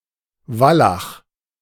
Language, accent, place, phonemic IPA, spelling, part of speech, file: German, Germany, Berlin, /ˈvalaχ/, Wallach, noun, De-Wallach.ogg
- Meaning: gelding (castrated male horse)